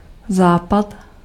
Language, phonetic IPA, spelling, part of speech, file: Czech, [ˈzaːpat], západ, noun, Cs-západ.ogg
- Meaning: 1. sunset 2. west (compass point)